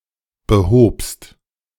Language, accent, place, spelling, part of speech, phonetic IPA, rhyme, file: German, Germany, Berlin, behobst, verb, [bəˈhoːpst], -oːpst, De-behobst.ogg
- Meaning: second-person singular preterite of beheben